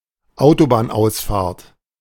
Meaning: off-ramp
- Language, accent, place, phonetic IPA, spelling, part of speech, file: German, Germany, Berlin, [ˈaʊ̯tobaːnˌʔaʊ̯sfaːɐ̯t], Autobahnausfahrt, noun, De-Autobahnausfahrt.ogg